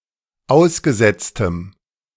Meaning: strong dative masculine/neuter singular of ausgesetzt
- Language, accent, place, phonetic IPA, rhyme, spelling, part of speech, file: German, Germany, Berlin, [ˈaʊ̯sɡəˌzɛt͡stəm], -aʊ̯sɡəzɛt͡stəm, ausgesetztem, adjective, De-ausgesetztem.ogg